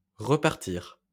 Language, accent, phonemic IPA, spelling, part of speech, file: French, France, /ʁə.paʁ.tiʁ/, repartir, verb, LL-Q150 (fra)-repartir.wav
- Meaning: 1. to leave again, to go back 2. to restart, to set off again 3. to retort